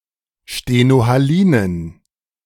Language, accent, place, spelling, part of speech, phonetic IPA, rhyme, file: German, Germany, Berlin, stenohalinen, adjective, [ʃtenohaˈliːnən], -iːnən, De-stenohalinen.ogg
- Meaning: inflection of stenohalin: 1. strong genitive masculine/neuter singular 2. weak/mixed genitive/dative all-gender singular 3. strong/weak/mixed accusative masculine singular 4. strong dative plural